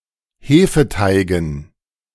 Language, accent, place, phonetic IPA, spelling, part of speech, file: German, Germany, Berlin, [ˈheːfəˌtaɪ̯ɡn̩], Hefeteigen, noun, De-Hefeteigen.ogg
- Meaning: dative plural of Hefeteig